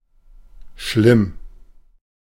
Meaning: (adjective) 1. bad, terrible, serious (seriously bad), dire, horrible, awful 2. hurting, ill, infected; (adverb) badly, severely
- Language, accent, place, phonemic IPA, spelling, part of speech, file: German, Germany, Berlin, /ʃlɪm/, schlimm, adjective / adverb, De-schlimm.ogg